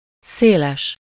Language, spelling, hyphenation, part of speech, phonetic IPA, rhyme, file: Hungarian, széles, szé‧les, adjective, [ˈseːlɛʃ], -ɛʃ, Hu-széles.ogg
- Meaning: wide